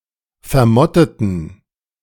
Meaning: inflection of vermottet: 1. strong genitive masculine/neuter singular 2. weak/mixed genitive/dative all-gender singular 3. strong/weak/mixed accusative masculine singular 4. strong dative plural
- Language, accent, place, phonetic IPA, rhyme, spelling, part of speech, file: German, Germany, Berlin, [fɛɐ̯ˈmɔtətn̩], -ɔtətn̩, vermotteten, adjective, De-vermotteten.ogg